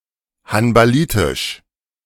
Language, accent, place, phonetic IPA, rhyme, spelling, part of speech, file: German, Germany, Berlin, [hanbaˈliːtɪʃ], -iːtɪʃ, hanbalitisch, adjective, De-hanbalitisch.ogg
- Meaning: Hanbali, Hanbalite